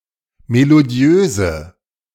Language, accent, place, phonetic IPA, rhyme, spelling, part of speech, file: German, Germany, Berlin, [meloˈdi̯øːzə], -øːzə, melodiöse, adjective, De-melodiöse.ogg
- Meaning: inflection of melodiös: 1. strong/mixed nominative/accusative feminine singular 2. strong nominative/accusative plural 3. weak nominative all-gender singular